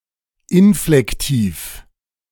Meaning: A German verb form used to imitate a sound or to indicate that an action is occurring, formed from the verb stem without any personal ending
- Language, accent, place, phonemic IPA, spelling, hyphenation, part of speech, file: German, Germany, Berlin, /ˈɪnflɛktiːf/, Inflektiv, In‧flek‧tiv, noun, De-Inflektiv.ogg